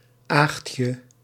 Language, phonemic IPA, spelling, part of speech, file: Dutch, /ˈaːxtjə/, Aagtje, proper noun, Nl-Aagtje.ogg
- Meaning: a diminutive of the female given name Agatha